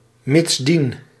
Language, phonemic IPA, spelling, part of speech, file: Dutch, /mɪtsˈdin/, mitsdien, conjunction, Nl-mitsdien.ogg
- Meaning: therefore, consequently